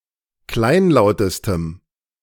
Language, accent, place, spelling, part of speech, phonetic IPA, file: German, Germany, Berlin, kleinlautestem, adjective, [ˈklaɪ̯nˌlaʊ̯təstəm], De-kleinlautestem.ogg
- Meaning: strong dative masculine/neuter singular superlative degree of kleinlaut